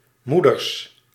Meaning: plural of moeder
- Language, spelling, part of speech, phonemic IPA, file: Dutch, moeders, noun, /ˈmudərs/, Nl-moeders.ogg